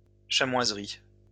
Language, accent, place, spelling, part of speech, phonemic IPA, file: French, France, Lyon, chamoiserie, noun, /ʃa.mwaz.ʁi/, LL-Q150 (fra)-chamoiserie.wav
- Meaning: a shop selling, or making, chamois products